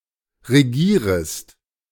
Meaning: second-person singular subjunctive I of regieren
- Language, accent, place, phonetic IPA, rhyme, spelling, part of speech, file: German, Germany, Berlin, [ʁeˈɡiːʁəst], -iːʁəst, regierest, verb, De-regierest.ogg